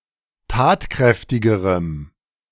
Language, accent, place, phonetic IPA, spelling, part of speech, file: German, Germany, Berlin, [ˈtaːtˌkʁɛftɪɡəʁəm], tatkräftigerem, adjective, De-tatkräftigerem.ogg
- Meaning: strong dative masculine/neuter singular comparative degree of tatkräftig